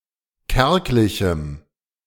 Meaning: strong dative masculine/neuter singular of kärglich
- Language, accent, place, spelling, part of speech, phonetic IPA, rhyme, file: German, Germany, Berlin, kärglichem, adjective, [ˈkɛʁklɪçm̩], -ɛʁklɪçm̩, De-kärglichem.ogg